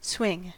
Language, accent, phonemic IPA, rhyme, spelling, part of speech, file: English, US, /ˈswɪŋ/, -ɪŋ, swing, verb / noun, En-us-swing.ogg
- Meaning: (verb) 1. To rotate about an off-centre fixed point 2. To dance 3. To ride on a swing 4. To participate in the swinging lifestyle; to participate in wifeswapping